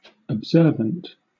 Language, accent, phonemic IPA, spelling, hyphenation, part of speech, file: English, Southern England, /əbˈzɜːvənt/, observant, ob‧ser‧vant, adjective, LL-Q1860 (eng)-observant.wav
- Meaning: 1. Alert and paying close attention; watchful 2. Diligently attentive in observing a law, custom, duty or principle; regardful; mindful 3. Practicing a religion